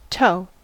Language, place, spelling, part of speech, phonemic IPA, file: English, California, toe, noun / verb, /toʊ/, En-us-toe.ogg
- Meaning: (noun) 1. Each of the five digits on the end of the human foot 2. Each of the five digits on the end of the human foot.: The equivalent part in an animal